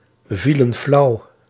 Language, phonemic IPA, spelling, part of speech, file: Dutch, /ˈvilə(n) ˈflɑu/, vielen flauw, verb, Nl-vielen flauw.ogg
- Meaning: inflection of flauwvallen: 1. plural past indicative 2. plural past subjunctive